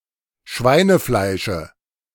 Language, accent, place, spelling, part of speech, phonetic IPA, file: German, Germany, Berlin, Schweinefleische, noun, [ˈʃvaɪ̯nəˌflaɪ̯ʃə], De-Schweinefleische.ogg
- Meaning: dative of Schweinefleisch